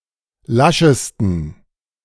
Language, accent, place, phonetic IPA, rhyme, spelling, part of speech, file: German, Germany, Berlin, [ˈlaʃəstn̩], -aʃəstn̩, laschesten, adjective, De-laschesten.ogg
- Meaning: 1. superlative degree of lasch 2. inflection of lasch: strong genitive masculine/neuter singular superlative degree